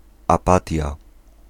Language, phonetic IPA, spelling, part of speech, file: Polish, [aˈpatʲja], apatia, noun, Pl-apatia.ogg